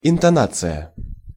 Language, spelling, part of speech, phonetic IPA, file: Russian, интонация, noun, [ɪntɐˈnat͡sɨjə], Ru-интонация.ogg
- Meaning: intonation